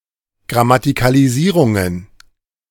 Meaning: plural of Grammatikalisierung
- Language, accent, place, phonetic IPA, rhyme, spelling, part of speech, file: German, Germany, Berlin, [ɡʁamatɪkaliˈziːʁʊŋən], -iːʁʊŋən, Grammatikalisierungen, noun, De-Grammatikalisierungen.ogg